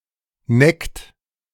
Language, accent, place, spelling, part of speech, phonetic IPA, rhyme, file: German, Germany, Berlin, neckt, verb, [nɛkt], -ɛkt, De-neckt.ogg
- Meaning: inflection of necken: 1. third-person singular present 2. second-person plural present 3. plural imperative